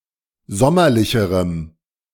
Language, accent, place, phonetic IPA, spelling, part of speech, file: German, Germany, Berlin, [ˈzɔmɐlɪçəʁəm], sommerlicherem, adjective, De-sommerlicherem.ogg
- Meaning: strong dative masculine/neuter singular comparative degree of sommerlich